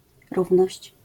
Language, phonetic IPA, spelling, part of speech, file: Polish, [ˈruvnɔɕt͡ɕ], równość, noun, LL-Q809 (pol)-równość.wav